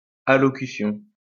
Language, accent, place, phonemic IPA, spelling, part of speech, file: French, France, Lyon, /a.lɔ.ky.sjɔ̃/, allocution, noun, LL-Q150 (fra)-allocution.wav
- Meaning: speech, address